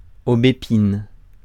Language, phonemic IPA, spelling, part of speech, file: French, /o.be.pin/, aubépine, noun, Fr-aubépine.ogg
- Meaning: hawthorn (type of shrub)